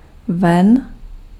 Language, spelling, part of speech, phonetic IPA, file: Czech, ven, adverb, [ˈvɛn], Cs-ven.ogg
- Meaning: out, outwards